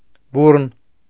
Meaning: impetuous, vehement; violent
- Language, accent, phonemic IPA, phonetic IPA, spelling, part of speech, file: Armenian, Eastern Armenian, /ˈburən/, [búrən], բուռն, adjective, Hy-բուռն.ogg